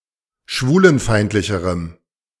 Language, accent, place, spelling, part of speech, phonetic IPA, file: German, Germany, Berlin, schwulenfeindlicherem, adjective, [ˈʃvuːlənˌfaɪ̯ntlɪçəʁəm], De-schwulenfeindlicherem.ogg
- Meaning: strong dative masculine/neuter singular comparative degree of schwulenfeindlich